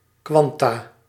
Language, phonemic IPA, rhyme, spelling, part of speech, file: Dutch, /ˈkʋɑn.taː/, -ɑntaː, kwanta, noun, Nl-kwanta.ogg
- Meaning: plural of kwantum